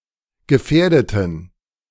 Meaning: inflection of gefährden: 1. first/third-person plural preterite 2. first/third-person plural subjunctive II
- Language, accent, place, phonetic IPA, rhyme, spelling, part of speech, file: German, Germany, Berlin, [ɡəˈfɛːɐ̯dətn̩], -ɛːɐ̯dətn̩, gefährdeten, adjective / verb, De-gefährdeten.ogg